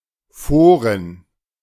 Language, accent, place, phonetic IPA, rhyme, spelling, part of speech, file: German, Germany, Berlin, [ˈfoːʁən], -oːʁən, Foren, noun, De-Foren.ogg
- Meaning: plural of Forum